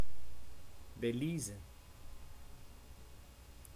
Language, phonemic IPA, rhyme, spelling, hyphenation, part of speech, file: Dutch, /ˌbeːˈliː.zə/, -iːzə, Belize, Be‧li‧ze, proper noun, Nl-Belize.ogg
- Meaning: Belize (an English-speaking country in Central America, formerly called British Honduras)